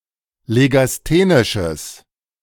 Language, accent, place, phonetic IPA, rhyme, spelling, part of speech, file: German, Germany, Berlin, [leɡasˈteːnɪʃəs], -eːnɪʃəs, legasthenisches, adjective, De-legasthenisches.ogg
- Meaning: strong/mixed nominative/accusative neuter singular of legasthenisch